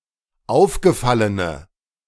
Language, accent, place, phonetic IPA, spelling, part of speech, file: German, Germany, Berlin, [ˈaʊ̯fɡəˌfalənə], aufgefallene, adjective, De-aufgefallene.ogg
- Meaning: inflection of aufgefallen: 1. strong/mixed nominative/accusative feminine singular 2. strong nominative/accusative plural 3. weak nominative all-gender singular